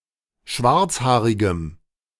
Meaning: strong dative masculine/neuter singular of schwarzhaarig
- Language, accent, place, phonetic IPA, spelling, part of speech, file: German, Germany, Berlin, [ˈʃvaʁt͡sˌhaːʁɪɡəm], schwarzhaarigem, adjective, De-schwarzhaarigem.ogg